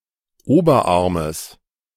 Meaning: genitive singular of Oberarm
- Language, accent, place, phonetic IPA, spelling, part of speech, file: German, Germany, Berlin, [ˈoːbɐˌʔaʁməs], Oberarmes, noun, De-Oberarmes.ogg